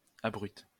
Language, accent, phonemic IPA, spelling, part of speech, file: French, France, /a.bʁyt/, abrute, adjective, LL-Q150 (fra)-abrute.wav
- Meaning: abrupt